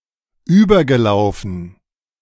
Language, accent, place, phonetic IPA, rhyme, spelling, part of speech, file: German, Germany, Berlin, [ˈyːbɐɡəˌlaʊ̯fn̩], -yːbɐɡəlaʊ̯fn̩, übergelaufen, verb, De-übergelaufen.ogg
- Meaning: past participle of überlaufen